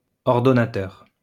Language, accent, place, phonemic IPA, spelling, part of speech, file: French, France, Lyon, /ɔʁ.dɔ.na.tœʁ/, ordonnateur, noun, LL-Q150 (fra)-ordonnateur.wav
- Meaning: organizer, director (one who gives orders)